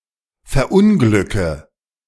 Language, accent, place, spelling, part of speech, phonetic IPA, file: German, Germany, Berlin, verunglücke, verb, [fɛɐ̯ˈʔʊnɡlʏkə], De-verunglücke.ogg
- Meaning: inflection of verunglücken: 1. first-person singular present 2. first/third-person singular subjunctive I 3. singular imperative